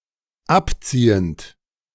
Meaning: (verb) present participle of abziehen; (adjective) leaving, withdrawing, retreating
- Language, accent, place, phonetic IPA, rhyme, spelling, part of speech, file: German, Germany, Berlin, [ˈapˌt͡siːənt], -apt͡siːənt, abziehend, verb, De-abziehend.ogg